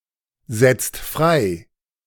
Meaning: inflection of freisetzen: 1. second-person singular/plural present 2. third-person singular present 3. plural imperative
- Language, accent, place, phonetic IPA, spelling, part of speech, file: German, Germany, Berlin, [ˌzɛt͡st ˈfʁaɪ̯], setzt frei, verb, De-setzt frei.ogg